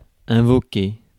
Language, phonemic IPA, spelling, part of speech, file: French, /ɛ̃.vɔ.ke/, invoquer, verb, Fr-invoquer.ogg
- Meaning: 1. to invoke 2. to call upon (God)